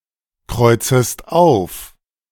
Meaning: second-person singular subjunctive I of aufkreuzen
- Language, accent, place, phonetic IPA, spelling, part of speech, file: German, Germany, Berlin, [ˌkʁɔɪ̯t͡səst ˈaʊ̯f], kreuzest auf, verb, De-kreuzest auf.ogg